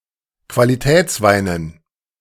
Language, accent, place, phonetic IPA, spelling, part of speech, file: German, Germany, Berlin, [kvaliˈtɛːt͡sˌvaɪ̯nən], Qualitätsweinen, noun, De-Qualitätsweinen.ogg
- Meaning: dative plural of Qualitätswein